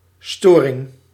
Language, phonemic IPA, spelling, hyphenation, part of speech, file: Dutch, /ˈstoːrɪŋ/, storing, sto‧ring, noun, Nl-storing.ogg
- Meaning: 1. malfunction 2. disruption 3. interference